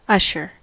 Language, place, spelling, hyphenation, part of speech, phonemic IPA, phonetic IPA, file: English, California, usher, ush‧er, noun / verb, /ˈʌʃəɹ/, [ˈʌʃ.ɚ], En-us-usher.ogg
- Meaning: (noun) 1. A person, in a church, cinema etc., who escorts people to their seats 2. A male escort at a wedding 3. A doorkeeper in a courtroom